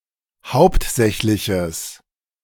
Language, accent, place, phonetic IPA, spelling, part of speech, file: German, Germany, Berlin, [ˈhaʊ̯ptˌzɛçlɪçəs], hauptsächliches, adjective, De-hauptsächliches.ogg
- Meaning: strong/mixed nominative/accusative neuter singular of hauptsächlich